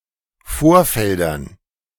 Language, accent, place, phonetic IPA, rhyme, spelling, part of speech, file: German, Germany, Berlin, [ˈfoːɐ̯ˌfɛldɐn], -oːɐ̯fɛldɐn, Vorfeldern, noun, De-Vorfeldern.ogg
- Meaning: dative plural of Vorfeld